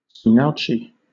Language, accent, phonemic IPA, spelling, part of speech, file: English, Southern England, /ˌ(t)suːnɑːˈuːt͡ʃi/, tsunauchi, noun, LL-Q1860 (eng)-tsunauchi.wav
- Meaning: the ceremony in which a yokozuna's tsuna belt is made and presented